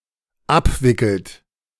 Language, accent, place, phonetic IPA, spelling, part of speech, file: German, Germany, Berlin, [ˈapˌvɪkl̩t], abwickelt, verb, De-abwickelt.ogg
- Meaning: inflection of abwickeln: 1. third-person singular dependent present 2. second-person plural dependent present